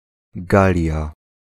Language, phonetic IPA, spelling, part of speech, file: Polish, [ˈɡalʲja], Galia, proper noun, Pl-Galia.ogg